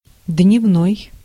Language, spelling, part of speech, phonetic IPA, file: Russian, дневной, adjective, [dʲnʲɪvˈnoj], Ru-дневной.ogg
- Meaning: day, daytime